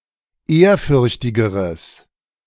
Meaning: strong/mixed nominative/accusative neuter singular comparative degree of ehrfürchtig
- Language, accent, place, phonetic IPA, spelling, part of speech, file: German, Germany, Berlin, [ˈeːɐ̯ˌfʏʁçtɪɡəʁəs], ehrfürchtigeres, adjective, De-ehrfürchtigeres.ogg